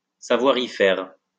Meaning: to have a way with, to have a knack (for)
- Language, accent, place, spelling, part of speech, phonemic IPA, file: French, France, Lyon, savoir y faire, verb, /sa.vwa.ʁ‿i fɛʁ/, LL-Q150 (fra)-savoir y faire.wav